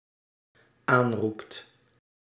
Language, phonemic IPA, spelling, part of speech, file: Dutch, /ˈanrupt/, aanroept, verb, Nl-aanroept.ogg
- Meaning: second/third-person singular dependent-clause present indicative of aanroepen